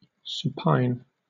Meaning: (adjective) 1. Lying on its back 2. Of the hand, forearm or foot, turned facing toward the body or upward: with the thumb outward (palm up), or with the big toe raised relative to the little toe
- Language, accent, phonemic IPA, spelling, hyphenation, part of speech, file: English, Southern England, /ˈs(j)uːpaɪn/, supine, sup‧ine, adjective / noun, LL-Q1860 (eng)-supine.wav